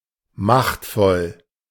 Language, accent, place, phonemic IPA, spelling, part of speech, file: German, Germany, Berlin, /ˈmaχtfɔl/, machtvoll, adjective, De-machtvoll.ogg
- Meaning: powerful